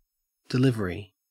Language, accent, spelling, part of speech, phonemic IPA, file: English, Australia, delivery, noun, /dɪˈlɪv.(ə.)ɹi/, En-au-delivery.ogg
- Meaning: 1. The act of conveying something 2. The item which has been conveyed 3. The act or process of a mother giving birth 4. A pitching motion 5. A thrown pitch 6. The manner of speaking or singing